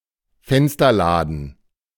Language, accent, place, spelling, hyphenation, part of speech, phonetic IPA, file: German, Germany, Berlin, Fensterladen, Fen‧ster‧la‧den, noun, [ˈfɛnstɐˌlaːdn̩], De-Fensterladen.ogg
- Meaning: window shutter